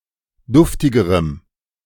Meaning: strong dative masculine/neuter singular comparative degree of duftig
- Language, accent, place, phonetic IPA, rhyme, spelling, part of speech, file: German, Germany, Berlin, [ˈdʊftɪɡəʁəm], -ʊftɪɡəʁəm, duftigerem, adjective, De-duftigerem.ogg